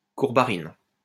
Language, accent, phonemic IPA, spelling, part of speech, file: French, France, /kuʁ.ba.ʁin/, courbarine, noun, LL-Q150 (fra)-courbarine.wav
- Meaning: an oleoresin, obtained from courbaril, used to make varnishes